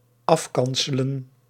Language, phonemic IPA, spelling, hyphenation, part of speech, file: Dutch, /ˈɑfˌkɑn.sə.lə(n)/, afkanselen, af‧kan‧se‧len, verb, Nl-afkanselen.ogg
- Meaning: to lecture, to berate, to sermonise